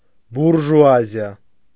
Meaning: bourgeoisie
- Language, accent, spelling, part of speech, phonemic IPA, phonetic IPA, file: Armenian, Eastern Armenian, բուրժուազիա, noun, /buɾʒuɑziˈɑ/, [buɾʒuɑzjɑ́], Hy-բուրժուազիա.ogg